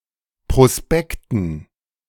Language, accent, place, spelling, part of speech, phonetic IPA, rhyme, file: German, Germany, Berlin, Prospekten, noun, [pʁoˈspɛktn̩], -ɛktn̩, De-Prospekten.ogg
- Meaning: dative plural of Prospekt